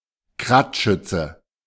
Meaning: motorcycle-riding infantry
- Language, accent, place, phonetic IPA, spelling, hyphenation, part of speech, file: German, Germany, Berlin, [ˈkʁaːtˌʃʏt͡sə], Kradschütze, Krad‧schüt‧ze, noun, De-Kradschütze.ogg